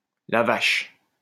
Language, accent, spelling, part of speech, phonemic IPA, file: French, France, la vache, interjection, /la vaʃ/, LL-Q150 (fra)-la vache.wav
- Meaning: Exclamation of surprise or astonishment: crap!, dammit!, shucks! holy cow!